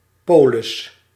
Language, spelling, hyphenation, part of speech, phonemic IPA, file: Dutch, polis, po‧lis, noun, /ˈpoː.lɪs/, Nl-polis.ogg
- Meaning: 1. insurance policy 2. insurance plan 3. a polis; an ancient, especially Ancient Greek, city state or city